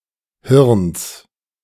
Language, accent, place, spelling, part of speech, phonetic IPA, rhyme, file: German, Germany, Berlin, Hirns, noun, [hɪʁns], -ɪʁns, De-Hirns.ogg
- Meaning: genitive singular of Hirn